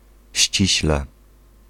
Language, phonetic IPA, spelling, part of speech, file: Polish, [ˈɕt͡ɕiɕlɛ], ściśle, adverb, Pl-ściśle.ogg